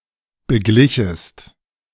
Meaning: second-person singular subjunctive II of begleichen
- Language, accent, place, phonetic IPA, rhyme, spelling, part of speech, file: German, Germany, Berlin, [bəˈɡlɪçəst], -ɪçəst, beglichest, verb, De-beglichest.ogg